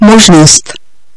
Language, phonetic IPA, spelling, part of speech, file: Czech, [ˈmoʒnost], možnost, noun, Cs-možnost.ogg
- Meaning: 1. possibility (property of being possible) 2. option, possibility, choice, alternative